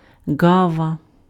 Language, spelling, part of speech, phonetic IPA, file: Ukrainian, ґава, noun, [ˈɡaʋɐ], Uk-ґава.ogg
- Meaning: crow